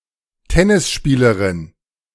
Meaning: tennis player (female)
- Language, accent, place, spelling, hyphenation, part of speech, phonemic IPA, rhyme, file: German, Germany, Berlin, Tennisspielerin, Ten‧nis‧spie‧le‧rin, noun, /ˈtɛnɪsˌʃpiːləʁɪn/, -iːləʁɪn, De-Tennisspielerin.ogg